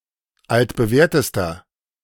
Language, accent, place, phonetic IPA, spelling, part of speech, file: German, Germany, Berlin, [ˌaltbəˈvɛːɐ̯təstɐ], altbewährtester, adjective, De-altbewährtester.ogg
- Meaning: inflection of altbewährt: 1. strong/mixed nominative masculine singular superlative degree 2. strong genitive/dative feminine singular superlative degree 3. strong genitive plural superlative degree